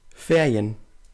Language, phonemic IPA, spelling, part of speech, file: German, /ˈfeːri̯ən/, Ferien, noun, Ferien-norddeutsch.ogg
- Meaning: 1. holidays during which an institution (especially a school, university) or a business is closed; break (usually three days or more) 2. vacation, holiday